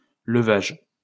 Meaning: 1. lifting 2. hoist
- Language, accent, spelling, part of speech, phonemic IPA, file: French, France, levage, noun, /lə.vaʒ/, LL-Q150 (fra)-levage.wav